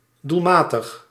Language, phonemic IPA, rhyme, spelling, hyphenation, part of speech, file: Dutch, /ˌdulˈmaː.təx/, -aːtəx, doelmatig, doel‧ma‧tig, adjective, Nl-doelmatig.ogg
- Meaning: 1. effective, efficacious 2. suitable, appropriate